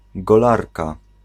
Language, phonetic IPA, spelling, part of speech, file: Polish, [ɡɔˈlarka], golarka, noun, Pl-golarka.ogg